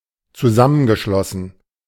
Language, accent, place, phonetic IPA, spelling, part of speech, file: German, Germany, Berlin, [t͡suˈzamənɡəˌʃlɔsn̩], zusammengeschlossen, verb, De-zusammengeschlossen.ogg
- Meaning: past participle of zusammenschließen